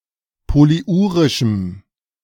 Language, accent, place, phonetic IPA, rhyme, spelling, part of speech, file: German, Germany, Berlin, [poliˈʔuːʁɪʃm̩], -uːʁɪʃm̩, polyurischem, adjective, De-polyurischem.ogg
- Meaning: strong dative masculine/neuter singular of polyurisch